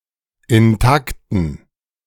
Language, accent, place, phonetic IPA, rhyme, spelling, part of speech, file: German, Germany, Berlin, [ɪnˈtaktn̩], -aktn̩, intakten, adjective, De-intakten.ogg
- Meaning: inflection of intakt: 1. strong genitive masculine/neuter singular 2. weak/mixed genitive/dative all-gender singular 3. strong/weak/mixed accusative masculine singular 4. strong dative plural